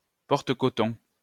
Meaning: Groom of the Stool
- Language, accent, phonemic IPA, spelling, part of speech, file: French, France, /pɔʁ.t(ə).kɔ.tɔ̃/, porte-coton, noun, LL-Q150 (fra)-porte-coton.wav